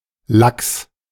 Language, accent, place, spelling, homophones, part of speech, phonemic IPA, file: German, Germany, Berlin, lax, Lachs / Lacks, adjective, /laks/, De-lax.ogg
- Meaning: 1. lax 2. easy, loose